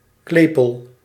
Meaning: clapper (of a bell)
- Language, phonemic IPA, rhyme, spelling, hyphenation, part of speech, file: Dutch, /ˈkleː.pəl/, -eːpəl, klepel, kle‧pel, noun, Nl-klepel.ogg